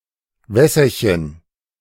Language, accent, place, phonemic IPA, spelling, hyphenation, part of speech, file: German, Germany, Berlin, /ˈvɛsɐçən/, Wässerchen, Wäs‧ser‧chen, noun, De-Wässerchen.ogg
- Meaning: little stream